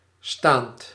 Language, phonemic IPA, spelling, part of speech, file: Dutch, /stant/, staand, adjective / verb, Nl-staand.ogg
- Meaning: present participle of staan